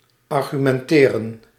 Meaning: to argue
- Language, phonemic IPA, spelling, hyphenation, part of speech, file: Dutch, /ɑrɣymɛnˈteːrə(n)/, argumenteren, ar‧gu‧men‧te‧ren, verb, Nl-argumenteren.ogg